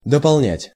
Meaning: to supplement, to add, to amplify, to supply, to enlarge, to expand, to complete, to fill up
- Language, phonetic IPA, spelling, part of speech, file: Russian, [dəpɐɫˈnʲætʲ], дополнять, verb, Ru-дополнять.ogg